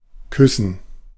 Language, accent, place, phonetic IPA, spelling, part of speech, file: German, Germany, Berlin, [ˈkʰʏsn̩], küssen, verb, De-küssen.ogg
- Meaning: 1. to kiss 2. to make out